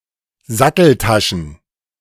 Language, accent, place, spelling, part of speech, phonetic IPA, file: German, Germany, Berlin, Satteltaschen, noun, [ˈzatl̩ˌtaʃn̩], De-Satteltaschen.ogg
- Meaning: plural of Satteltasche